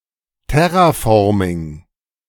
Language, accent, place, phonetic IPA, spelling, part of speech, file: German, Germany, Berlin, [ˈtɛʁaˌfɔʁmɪŋ], Terraforming, noun, De-Terraforming.ogg
- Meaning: terraforming (planetary engineering)